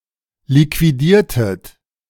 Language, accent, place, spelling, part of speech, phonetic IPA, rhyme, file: German, Germany, Berlin, liquidiertet, verb, [likviˈdiːɐ̯tət], -iːɐ̯tət, De-liquidiertet.ogg
- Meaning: inflection of liquidieren: 1. second-person plural preterite 2. second-person plural subjunctive II